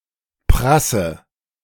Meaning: inflection of prassen: 1. first-person singular present 2. first/third-person singular subjunctive I 3. singular imperative
- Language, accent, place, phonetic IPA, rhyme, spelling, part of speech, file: German, Germany, Berlin, [ˈpʁasə], -asə, prasse, verb, De-prasse.ogg